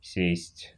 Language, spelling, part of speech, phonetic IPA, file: Russian, сесть, verb, [sʲesʲtʲ], Ru-сесть.ogg
- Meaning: 1. to sit down 2. to be imprisoned 3. to become flat, to die (of an electrical battery or accumulator)